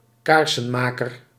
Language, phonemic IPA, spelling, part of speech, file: Dutch, /ˈkaːrsəmaːkər/, kaarsenmaker, noun, Nl-kaarsenmaker.ogg
- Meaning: candler